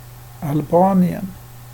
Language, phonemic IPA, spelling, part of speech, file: Swedish, /alˈbɑːnjɛn/, Albanien, proper noun, Sv-Albanien.ogg
- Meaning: Albania (a country in Southeastern Europe)